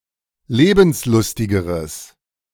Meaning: strong/mixed nominative/accusative neuter singular comparative degree of lebenslustig
- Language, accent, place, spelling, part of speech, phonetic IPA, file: German, Germany, Berlin, lebenslustigeres, adjective, [ˈleːbn̩sˌlʊstɪɡəʁəs], De-lebenslustigeres.ogg